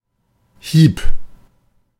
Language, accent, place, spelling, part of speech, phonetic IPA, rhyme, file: German, Germany, Berlin, hieb, verb, [hiːp], -iːp, De-hieb.ogg
- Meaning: first/third-person singular preterite of hauen